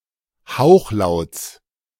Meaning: genitive singular of Hauchlaut
- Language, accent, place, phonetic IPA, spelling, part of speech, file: German, Germany, Berlin, [ˈhaʊ̯xˌlaʊ̯t͡s], Hauchlauts, noun, De-Hauchlauts.ogg